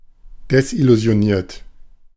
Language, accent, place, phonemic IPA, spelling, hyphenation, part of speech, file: German, Germany, Berlin, /dɛsʔɪluzi̯oˈniːɐ̯t/, desillusioniert, des‧il‧lu‧si‧o‧niert, verb, De-desillusioniert.ogg
- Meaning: 1. past participle of desillusionieren 2. inflection of desillusionieren: third-person singular present 3. inflection of desillusionieren: second-person plural present